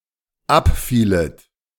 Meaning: second-person plural dependent subjunctive II of abfallen
- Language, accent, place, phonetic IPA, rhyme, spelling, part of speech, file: German, Germany, Berlin, [ˈapˌfiːlət], -apfiːlət, abfielet, verb, De-abfielet.ogg